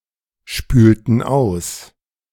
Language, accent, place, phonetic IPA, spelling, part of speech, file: German, Germany, Berlin, [ˌʃpyːltn̩ ˈaʊ̯s], spülten aus, verb, De-spülten aus.ogg
- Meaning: inflection of ausspülen: 1. first/third-person plural preterite 2. first/third-person plural subjunctive II